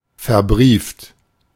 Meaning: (verb) past participle of verbriefen; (adjective) certified, sealed, documented, assured, guaranteed
- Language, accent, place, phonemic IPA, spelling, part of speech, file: German, Germany, Berlin, /fɛɐ̯ˈbʁiːft/, verbrieft, verb / adjective, De-verbrieft.ogg